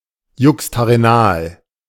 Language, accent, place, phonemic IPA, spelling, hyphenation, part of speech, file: German, Germany, Berlin, /ˌjʊkstaʁeˈnaːl/, juxtarenal, jux‧ta‧re‧nal, adjective, De-juxtarenal.ogg
- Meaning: juxtarenal